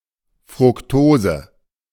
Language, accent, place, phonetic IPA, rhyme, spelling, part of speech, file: German, Germany, Berlin, [fʁʊkˈtoːzə], -oːzə, Fructose, noun, De-Fructose.ogg
- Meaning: fructose